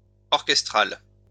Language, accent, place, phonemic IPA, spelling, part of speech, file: French, France, Lyon, /ɔʁ.kɛs.tʁal/, orchestral, adjective, LL-Q150 (fra)-orchestral.wav
- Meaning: orchestral